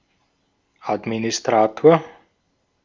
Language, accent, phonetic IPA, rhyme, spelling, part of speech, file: German, Austria, [ˌatminɪsˈtʁaːtoːɐ̯], -aːtoːɐ̯, Administrator, noun, De-at-Administrator.ogg
- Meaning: administrator, admin